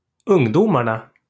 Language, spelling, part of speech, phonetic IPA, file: Swedish, ungdomarna, noun, [ˌɵ́ŋˈdúːmaɳa], LL-Q9027 (swe)-ungdomarna.wav
- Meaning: definite plural of ungdom